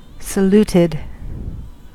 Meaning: simple past and past participle of salute
- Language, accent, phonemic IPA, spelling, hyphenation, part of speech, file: English, US, /səˈlutɪd/, saluted, sa‧lut‧ed, verb, En-us-saluted.ogg